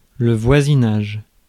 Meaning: 1. proximity, vicinity 2. neighbourly relations 3. neighbourhood
- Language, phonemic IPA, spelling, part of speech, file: French, /vwa.zi.naʒ/, voisinage, noun, Fr-voisinage.ogg